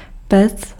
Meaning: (noun) 1. oven, furnace 2. furnace (device that heats materials being processed in a factory); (verb) second-person singular imperative of péct
- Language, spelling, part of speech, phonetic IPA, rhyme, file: Czech, pec, noun / verb, [ˈpɛt͡s], -ɛts, Cs-pec.ogg